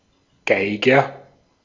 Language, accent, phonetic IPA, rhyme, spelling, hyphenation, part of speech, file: German, Austria, [ˈɡaɪ̯ɡɐ], -aɪ̯ɡɐ, Geiger, Gei‧ger, noun, De-at-Geiger.ogg
- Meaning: fiddler, violinist